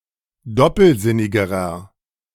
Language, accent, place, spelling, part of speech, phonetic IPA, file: German, Germany, Berlin, doppelsinnigerer, adjective, [ˈdɔpl̩ˌzɪnɪɡəʁɐ], De-doppelsinnigerer.ogg
- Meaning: inflection of doppelsinnig: 1. strong/mixed nominative masculine singular comparative degree 2. strong genitive/dative feminine singular comparative degree 3. strong genitive plural comparative degree